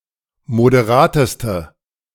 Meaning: inflection of moderat: 1. strong/mixed nominative/accusative feminine singular superlative degree 2. strong nominative/accusative plural superlative degree
- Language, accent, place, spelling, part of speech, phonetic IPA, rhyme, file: German, Germany, Berlin, moderateste, adjective, [modeˈʁaːtəstə], -aːtəstə, De-moderateste.ogg